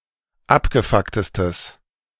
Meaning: strong/mixed nominative/accusative neuter singular superlative degree of abgefuckt
- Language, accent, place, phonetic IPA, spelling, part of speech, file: German, Germany, Berlin, [ˈapɡəˌfaktəstəs], abgefucktestes, adjective, De-abgefucktestes.ogg